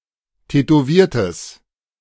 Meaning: strong/mixed nominative/accusative neuter singular of tätowiert
- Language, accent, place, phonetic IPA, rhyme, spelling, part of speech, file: German, Germany, Berlin, [tɛtoˈviːɐ̯təs], -iːɐ̯təs, tätowiertes, adjective, De-tätowiertes.ogg